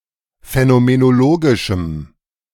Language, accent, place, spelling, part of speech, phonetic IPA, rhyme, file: German, Germany, Berlin, phänomenologischem, adjective, [fɛnomenoˈloːɡɪʃm̩], -oːɡɪʃm̩, De-phänomenologischem.ogg
- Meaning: strong dative masculine/neuter singular of phänomenologisch